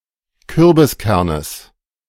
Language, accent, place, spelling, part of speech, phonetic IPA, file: German, Germany, Berlin, Kürbiskernes, noun, [ˈkʏʁbɪsˌkɛʁnəs], De-Kürbiskernes.ogg
- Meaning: genitive singular of Kürbiskern